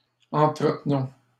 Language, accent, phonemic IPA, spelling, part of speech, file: French, Canada, /ɑ̃.tʁə.t(ə).nɔ̃/, entretenons, verb, LL-Q150 (fra)-entretenons.wav
- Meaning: inflection of entretenir: 1. first-person plural present indicative 2. first-person plural imperative